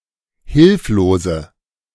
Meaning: inflection of hilflos: 1. strong/mixed nominative/accusative feminine singular 2. strong nominative/accusative plural 3. weak nominative all-gender singular 4. weak accusative feminine/neuter singular
- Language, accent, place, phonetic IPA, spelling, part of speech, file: German, Germany, Berlin, [ˈhɪlfloːzə], hilflose, adjective, De-hilflose.ogg